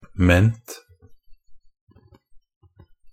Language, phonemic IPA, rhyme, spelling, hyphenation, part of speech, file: Norwegian Bokmål, /mɛnt/, -ɛnt, -ment, -ment, suffix, Nb--ment1.ogg
- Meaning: Used to form nouns from verbal stems, often denoting an action, means or state; -ment